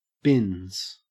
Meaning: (noun) plural of bin; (verb) third-person singular simple present indicative of bin; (noun) 1. Binoculars 2. Eyeglasses or spectacles
- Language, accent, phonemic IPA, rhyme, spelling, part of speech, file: English, Australia, /bɪnz/, -ɪnz, bins, noun / verb, En-au-bins.ogg